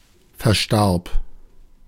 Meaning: first/third-person singular preterite of versterben
- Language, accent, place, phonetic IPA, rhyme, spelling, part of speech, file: German, Germany, Berlin, [fɛɐ̯ˈʃtaʁp], -aʁp, verstarb, verb, De-verstarb.ogg